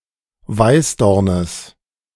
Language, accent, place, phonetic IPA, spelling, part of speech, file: German, Germany, Berlin, [ˈvaɪ̯sˌdɔʁnəs], Weißdornes, noun, De-Weißdornes.ogg
- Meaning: genitive of Weißdorn